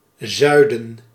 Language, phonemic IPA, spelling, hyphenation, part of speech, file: Dutch, /ˈzœy̯.də(n)/, zuiden, zui‧den, noun, Nl-zuiden.ogg
- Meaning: 1. south 2. southern, from the south